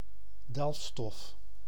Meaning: mineral
- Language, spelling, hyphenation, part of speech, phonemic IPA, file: Dutch, delfstof, delf‧stof, noun, /ˈdɛlf.stɔf/, Nl-delfstof.ogg